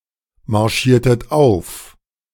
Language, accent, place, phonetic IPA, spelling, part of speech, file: German, Germany, Berlin, [maʁˌʃiːɐ̯tət ˈaʊ̯f], marschiertet auf, verb, De-marschiertet auf.ogg
- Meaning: inflection of aufmarschieren: 1. second-person plural preterite 2. second-person plural subjunctive II